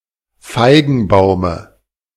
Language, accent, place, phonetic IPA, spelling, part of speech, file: German, Germany, Berlin, [ˈfaɪ̯ɡn̩ˌbaʊ̯mə], Feigenbaume, noun, De-Feigenbaume.ogg
- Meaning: dative singular of Feigenbaum